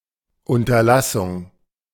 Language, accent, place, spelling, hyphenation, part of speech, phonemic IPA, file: German, Germany, Berlin, Unterlassung, Un‧ter‧las‧sung, noun, /ˌʊntɐˈlasʊŋ/, De-Unterlassung.ogg
- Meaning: omission